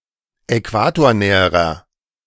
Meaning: inflection of äquatornah: 1. strong/mixed nominative masculine singular comparative degree 2. strong genitive/dative feminine singular comparative degree 3. strong genitive plural comparative degree
- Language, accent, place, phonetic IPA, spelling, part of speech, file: German, Germany, Berlin, [ɛˈkvaːtoːɐ̯ˌnɛːəʁɐ], äquatornäherer, adjective, De-äquatornäherer.ogg